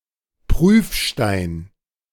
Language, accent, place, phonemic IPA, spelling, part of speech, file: German, Germany, Berlin, /ˈpʁyːfˌʃtaɪ̯n/, Prüfstein, noun, De-Prüfstein.ogg
- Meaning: touchstone